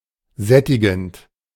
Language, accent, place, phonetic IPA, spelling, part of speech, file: German, Germany, Berlin, [ˈzɛtɪɡn̩t], sättigend, verb, De-sättigend.ogg
- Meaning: present participle of sättigen